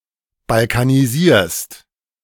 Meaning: second-person singular present of balkanisieren
- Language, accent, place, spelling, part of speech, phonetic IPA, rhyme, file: German, Germany, Berlin, balkanisierst, verb, [balkaniˈziːɐ̯st], -iːɐ̯st, De-balkanisierst.ogg